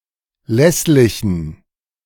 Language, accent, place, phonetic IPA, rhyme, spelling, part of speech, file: German, Germany, Berlin, [ˈlɛslɪçn̩], -ɛslɪçn̩, lässlichen, adjective, De-lässlichen.ogg
- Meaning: inflection of lässlich: 1. strong genitive masculine/neuter singular 2. weak/mixed genitive/dative all-gender singular 3. strong/weak/mixed accusative masculine singular 4. strong dative plural